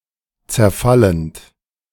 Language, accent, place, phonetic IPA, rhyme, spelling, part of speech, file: German, Germany, Berlin, [t͡sɛɐ̯ˈfalənt], -alənt, zerfallend, verb, De-zerfallend.ogg
- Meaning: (verb) present participle of zerfallen; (adjective) 1. disintegrating 2. mouldering